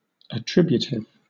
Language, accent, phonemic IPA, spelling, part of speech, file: English, Southern England, /əˈtɹɪb.ju.tɪv/, attributive, adjective / noun, LL-Q1860 (eng)-attributive.wav
- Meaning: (adjective) 1. Modifying another word, typically a noun, while in the same phrase 2. Attributing; characterized by attributing; effecting attribution